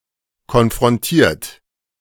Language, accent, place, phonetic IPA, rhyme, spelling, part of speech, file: German, Germany, Berlin, [kɔnfʁɔnˈtiːɐ̯t], -iːɐ̯t, konfrontiert, verb, De-konfrontiert.ogg
- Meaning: 1. past participle of konfrontieren 2. inflection of konfrontieren: third-person singular present 3. inflection of konfrontieren: second-person plural present